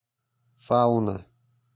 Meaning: fauna (animals considered as a group)
- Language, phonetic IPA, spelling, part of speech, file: Russian, [ˈfaʊnə], фауна, noun, Ru-фауна.ogg